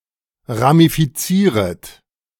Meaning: second-person plural subjunctive I of ramifizieren
- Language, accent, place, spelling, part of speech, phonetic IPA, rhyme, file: German, Germany, Berlin, ramifizieret, verb, [ʁamifiˈt͡siːʁət], -iːʁət, De-ramifizieret.ogg